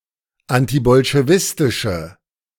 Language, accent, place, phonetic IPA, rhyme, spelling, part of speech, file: German, Germany, Berlin, [ˌantibɔlʃeˈvɪstɪʃə], -ɪstɪʃə, antibolschewistische, adjective, De-antibolschewistische.ogg
- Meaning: inflection of antibolschewistisch: 1. strong/mixed nominative/accusative feminine singular 2. strong nominative/accusative plural 3. weak nominative all-gender singular